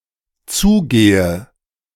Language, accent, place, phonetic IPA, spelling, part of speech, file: German, Germany, Berlin, [ˈt͡suːˌɡeːə], zugehe, verb, De-zugehe.ogg
- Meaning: inflection of zugehen: 1. first-person singular dependent present 2. first/third-person singular dependent subjunctive I